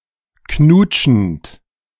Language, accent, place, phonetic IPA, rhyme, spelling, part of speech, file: German, Germany, Berlin, [ˈknuːt͡ʃn̩t], -uːt͡ʃn̩t, knutschend, verb, De-knutschend.ogg
- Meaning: present participle of knutschen